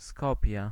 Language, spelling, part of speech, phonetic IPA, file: Polish, Skopje, proper noun, [ˈskɔpʲjɛ], Pl-Skopje.ogg